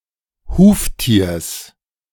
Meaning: genitive singular of Huftier
- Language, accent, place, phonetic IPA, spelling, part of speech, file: German, Germany, Berlin, [ˈhuːftiːɐ̯s], Huftiers, noun, De-Huftiers.ogg